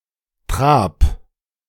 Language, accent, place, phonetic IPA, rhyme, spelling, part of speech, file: German, Germany, Berlin, [tʁaːp], -aːp, trab, verb, De-trab.ogg
- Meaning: 1. singular imperative of traben 2. first-person singular present of traben